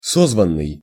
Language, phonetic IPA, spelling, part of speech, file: Russian, [ˈsozvən(ː)ɨj], созванный, verb, Ru-созванный.ogg
- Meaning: past passive perfective participle of созва́ть (sozvátʹ)